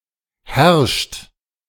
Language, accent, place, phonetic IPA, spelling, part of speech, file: German, Germany, Berlin, [hɛɐ̯ʃt], herrscht, verb, De-herrscht.ogg
- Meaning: inflection of herrschen: 1. third-person singular present 2. second-person plural present 3. plural imperative